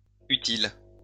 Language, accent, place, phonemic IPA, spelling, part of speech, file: French, France, Lyon, /y.til/, utiles, adjective, LL-Q150 (fra)-utiles.wav
- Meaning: plural of utile